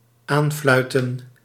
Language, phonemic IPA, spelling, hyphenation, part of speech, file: Dutch, /ˈaːnˌflœy̯.tə(n)/, aanfluiten, aan‧flui‧ten, verb, Nl-aanfluiten.ogg
- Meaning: to mock, to insult, to jeer